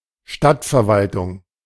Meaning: town / city council
- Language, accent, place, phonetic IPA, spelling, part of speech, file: German, Germany, Berlin, [ˈʃtatfɛɐ̯ˌvaltʊŋ], Stadtverwaltung, noun, De-Stadtverwaltung.ogg